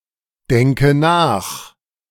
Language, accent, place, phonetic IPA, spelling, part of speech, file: German, Germany, Berlin, [ˌdɛŋkə ˈnaːx], denke nach, verb, De-denke nach.ogg
- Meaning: inflection of nachdenken: 1. first-person singular present 2. first/third-person singular subjunctive I 3. singular imperative